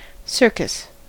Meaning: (noun) A traveling company of performers that may include acrobats, clowns, trained animals, and other novelty acts, that gives shows usually in a circular tent
- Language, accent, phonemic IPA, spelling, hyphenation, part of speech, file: English, US, /ˈsɝkəs/, circus, cir‧cus, noun / verb, En-us-circus.ogg